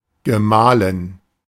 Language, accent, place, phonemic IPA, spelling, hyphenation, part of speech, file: German, Germany, Berlin, /ɡəˈmaːlɪn/, Gemahlin, Ge‧mah‧lin, noun, De-Gemahlin.ogg
- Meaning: female equivalent of Gemahl: married woman, wife, spouse